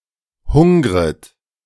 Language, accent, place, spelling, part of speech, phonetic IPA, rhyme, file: German, Germany, Berlin, hungret, verb, [ˈhʊŋʁət], -ʊŋʁət, De-hungret.ogg
- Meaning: second-person plural subjunctive I of hungern